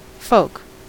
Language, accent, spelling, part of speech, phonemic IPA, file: English, US, folk, noun / adjective, /foʊk/, En-us-folk.ogg
- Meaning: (noun) 1. A people; a tribe or nation; the inhabitants of a region, especially the native inhabitants 2. People, persons 3. One’s relatives, especially one’s parents 4. Ellipsis of folk music